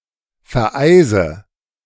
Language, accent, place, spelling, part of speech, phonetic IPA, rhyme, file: German, Germany, Berlin, vereise, verb, [fɛɐ̯ˈʔaɪ̯zə], -aɪ̯zə, De-vereise.ogg
- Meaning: inflection of vereisen: 1. first-person singular present 2. first/third-person singular subjunctive I 3. singular imperative